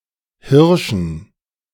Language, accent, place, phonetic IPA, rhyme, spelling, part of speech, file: German, Germany, Berlin, [ˈhɪʁʃn̩], -ɪʁʃn̩, Hirschen, noun, De-Hirschen.ogg
- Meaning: dative plural of Hirsch